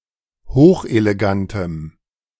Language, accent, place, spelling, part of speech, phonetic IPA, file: German, Germany, Berlin, hochelegantem, adjective, [ˈhoːxʔeleˌɡantəm], De-hochelegantem.ogg
- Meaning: strong dative masculine/neuter singular of hochelegant